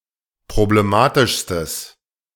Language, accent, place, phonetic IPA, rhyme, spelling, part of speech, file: German, Germany, Berlin, [pʁobleˈmaːtɪʃstəs], -aːtɪʃstəs, problematischstes, adjective, De-problematischstes.ogg
- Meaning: strong/mixed nominative/accusative neuter singular superlative degree of problematisch